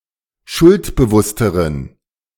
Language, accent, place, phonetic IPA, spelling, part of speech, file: German, Germany, Berlin, [ˈʃʊltbəˌvʊstəʁən], schuldbewussteren, adjective, De-schuldbewussteren.ogg
- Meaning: inflection of schuldbewusst: 1. strong genitive masculine/neuter singular comparative degree 2. weak/mixed genitive/dative all-gender singular comparative degree